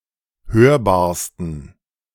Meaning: 1. superlative degree of hörbar 2. inflection of hörbar: strong genitive masculine/neuter singular superlative degree
- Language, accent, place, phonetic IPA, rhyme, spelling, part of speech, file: German, Germany, Berlin, [ˈhøːɐ̯baːɐ̯stn̩], -øːɐ̯baːɐ̯stn̩, hörbarsten, adjective, De-hörbarsten.ogg